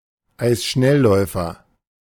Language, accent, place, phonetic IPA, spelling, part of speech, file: German, Germany, Berlin, [ˈaɪ̯sʃnɛlˌlɔɪ̯fɐ], Eisschnellläufer, noun, De-Eisschnellläufer.ogg
- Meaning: speed skater